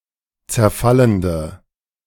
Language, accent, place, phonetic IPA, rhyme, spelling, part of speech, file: German, Germany, Berlin, [t͡sɛɐ̯ˈfaləndə], -aləndə, zerfallende, adjective, De-zerfallende.ogg
- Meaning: inflection of zerfallend: 1. strong/mixed nominative/accusative feminine singular 2. strong nominative/accusative plural 3. weak nominative all-gender singular